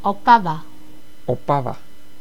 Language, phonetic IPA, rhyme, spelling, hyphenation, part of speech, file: Czech, [ˈopava], -ava, Opava, Opa‧va, proper noun, Cs-Opava.ogg
- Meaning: 1. a city in the northern Czech Republic on the river Opava, located to the north-west of Ostrava 2. a river in the northeastern Czech Republic, a left tributary of the Oder river